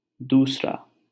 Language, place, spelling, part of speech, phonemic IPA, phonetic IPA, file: Hindi, Delhi, दूसरा, adjective / noun, /d̪uːs.ɾɑː/, [d̪uːs.ɾäː], LL-Q1568 (hin)-दूसरा.wav
- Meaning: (adjective) 1. other, another 2. second; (noun) 1. copy, duplicate 2. alternative, replacement 3. doosra